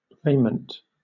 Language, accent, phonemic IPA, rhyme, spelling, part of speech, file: English, Southern England, /ˈɹeɪ.mənt/, -eɪmənt, raiment, noun, LL-Q1860 (eng)-raiment.wav
- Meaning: Clothing, garments, dress, material